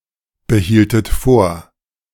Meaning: inflection of vorbehalten: 1. second-person plural preterite 2. second-person plural subjunctive II
- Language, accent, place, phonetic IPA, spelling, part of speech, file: German, Germany, Berlin, [bəˌhiːltət ˈfoːɐ̯], behieltet vor, verb, De-behieltet vor.ogg